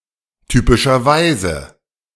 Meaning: typically
- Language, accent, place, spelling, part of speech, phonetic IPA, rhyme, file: German, Germany, Berlin, typischerweise, adverb, [typɪʃɐˈvaɪ̯zə], -aɪ̯zə, De-typischerweise.ogg